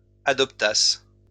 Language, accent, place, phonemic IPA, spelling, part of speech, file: French, France, Lyon, /a.dɔp.tas/, adoptassent, verb, LL-Q150 (fra)-adoptassent.wav
- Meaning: third-person plural imperfect subjunctive of adopter